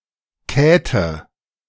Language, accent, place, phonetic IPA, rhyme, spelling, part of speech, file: German, Germany, Berlin, [ˈkɛːtə], -ɛːtə, Käthe, proper noun, De-Käthe.ogg
- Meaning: a diminutive of the female given name Katharina